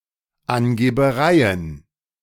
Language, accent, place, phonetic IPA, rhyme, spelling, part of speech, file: German, Germany, Berlin, [anɡeːbəˈʁaɪ̯ən], -aɪ̯ən, Angebereien, noun, De-Angebereien.ogg
- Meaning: plural of Angeberei